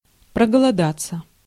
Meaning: to feel/get/grow hungry
- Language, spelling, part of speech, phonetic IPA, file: Russian, проголодаться, verb, [prəɡəɫɐˈdat͡sːə], Ru-проголодаться.ogg